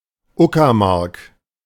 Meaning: 1. a historical region northeastern Germany, straddling Uckermark district, Brandenburg, and Vorpommern-Greifswald district, Mecklenburg-Vorpommern 2. a rural district of Brandenburg; seat: Prenzlau
- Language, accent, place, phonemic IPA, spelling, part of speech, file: German, Germany, Berlin, /ˈʊkɐˌmaʁk/, Uckermark, proper noun, De-Uckermark.ogg